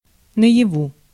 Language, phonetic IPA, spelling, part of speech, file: Russian, [nə(j)ɪˈvu], наяву, adverb, Ru-наяву.ogg
- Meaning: in real life, while awake, not in a dream